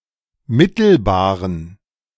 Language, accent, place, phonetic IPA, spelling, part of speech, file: German, Germany, Berlin, [ˈmɪtl̩baːʁən], mittelbaren, adjective, De-mittelbaren.ogg
- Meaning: inflection of mittelbar: 1. strong genitive masculine/neuter singular 2. weak/mixed genitive/dative all-gender singular 3. strong/weak/mixed accusative masculine singular 4. strong dative plural